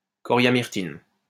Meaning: coriamyrtin
- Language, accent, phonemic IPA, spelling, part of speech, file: French, France, /kɔ.ʁja.miʁ.tin/, coriamyrtine, noun, LL-Q150 (fra)-coriamyrtine.wav